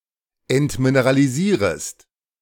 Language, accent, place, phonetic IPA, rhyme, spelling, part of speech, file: German, Germany, Berlin, [ɛntmineʁaliˈziːʁəst], -iːʁəst, entmineralisierest, verb, De-entmineralisierest.ogg
- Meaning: second-person singular subjunctive I of entmineralisieren